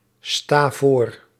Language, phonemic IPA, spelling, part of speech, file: Dutch, /ˈsta ˈvor/, sta voor, verb, Nl-sta voor.ogg
- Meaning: inflection of voorstaan: 1. first-person singular present indicative 2. second-person singular present indicative 3. imperative 4. singular present subjunctive